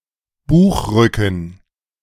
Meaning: spine (of a book)
- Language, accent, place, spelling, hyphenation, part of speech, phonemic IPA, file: German, Germany, Berlin, Buchrücken, Buch‧rü‧cken, noun, /ˈbuːxˌʁʏkn̩/, De-Buchrücken.ogg